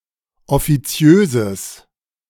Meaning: strong/mixed nominative/accusative neuter singular of offiziös
- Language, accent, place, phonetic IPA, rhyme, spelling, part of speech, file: German, Germany, Berlin, [ɔfiˈt͡si̯øːzəs], -øːzəs, offiziöses, adjective, De-offiziöses.ogg